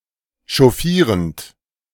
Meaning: present participle of chauffieren
- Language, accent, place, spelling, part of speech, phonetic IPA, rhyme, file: German, Germany, Berlin, chauffierend, verb, [ʃɔˈfiːʁənt], -iːʁənt, De-chauffierend.ogg